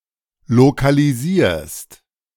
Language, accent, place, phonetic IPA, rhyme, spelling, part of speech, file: German, Germany, Berlin, [lokaliˈziːɐ̯st], -iːɐ̯st, lokalisierst, verb, De-lokalisierst.ogg
- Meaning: second-person singular present of lokalisieren